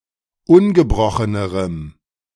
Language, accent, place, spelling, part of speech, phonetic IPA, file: German, Germany, Berlin, ungebrochenerem, adjective, [ˈʊnɡəˌbʁɔxənəʁəm], De-ungebrochenerem.ogg
- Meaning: strong dative masculine/neuter singular comparative degree of ungebrochen